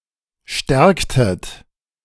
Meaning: inflection of stärken: 1. second-person plural preterite 2. second-person plural subjunctive II
- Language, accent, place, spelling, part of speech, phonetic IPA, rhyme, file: German, Germany, Berlin, stärktet, verb, [ˈʃtɛʁktət], -ɛʁktət, De-stärktet.ogg